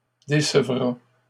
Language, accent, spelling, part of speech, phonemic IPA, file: French, Canada, décevra, verb, /de.sə.vʁa/, LL-Q150 (fra)-décevra.wav
- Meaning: third-person singular future of décevoir